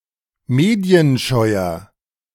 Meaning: 1. comparative degree of medienscheu 2. inflection of medienscheu: strong/mixed nominative masculine singular 3. inflection of medienscheu: strong genitive/dative feminine singular
- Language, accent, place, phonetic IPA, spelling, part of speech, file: German, Germany, Berlin, [ˈmeːdi̯ənˌʃɔɪ̯ɐ], medienscheuer, adjective, De-medienscheuer.ogg